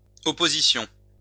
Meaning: plural of opposition
- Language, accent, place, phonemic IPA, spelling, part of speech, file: French, France, Lyon, /ɔ.po.zi.sjɔ̃/, oppositions, noun, LL-Q150 (fra)-oppositions.wav